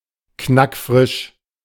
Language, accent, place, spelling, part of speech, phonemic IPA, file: German, Germany, Berlin, knackfrisch, adjective, /ˈknakˈfʁɪʃ/, De-knackfrisch.ogg
- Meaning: fresh and crisp / crunchy